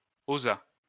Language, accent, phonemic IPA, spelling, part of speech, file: French, France, /o.za/, osa, verb, LL-Q150 (fra)-osa.wav
- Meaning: third-person singular past historic of oser